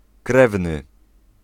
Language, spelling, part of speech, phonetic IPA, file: Polish, krewny, noun / adjective, [ˈkrɛvnɨ], Pl-krewny.ogg